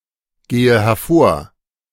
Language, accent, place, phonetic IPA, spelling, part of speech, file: German, Germany, Berlin, [ˌɡeːə hɛɐ̯ˈfoːɐ̯], gehe hervor, verb, De-gehe hervor.ogg
- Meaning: inflection of hervorgehen: 1. first-person singular present 2. first/third-person singular subjunctive I 3. singular imperative